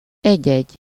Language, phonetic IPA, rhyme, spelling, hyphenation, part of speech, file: Hungarian, [ˈɛɟːɛɟː], -ɛɟː, egy-egy, egy-‧egy, numeral, Hu-egy-egy.ogg
- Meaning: 1. each (one to each person) 2. one or two, an odd, occasional, infrequent (a small number of, but rarely) 3. a few (a small number among the many things)